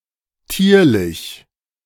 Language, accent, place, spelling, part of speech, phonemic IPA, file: German, Germany, Berlin, tierlich, adjective, /ˈtiːɐ̯lɪç/, De-tierlich.ogg
- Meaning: animallike